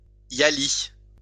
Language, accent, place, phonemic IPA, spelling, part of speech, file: French, France, Lyon, /ja.li/, yali, noun, LL-Q150 (fra)-yali.wav
- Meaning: yali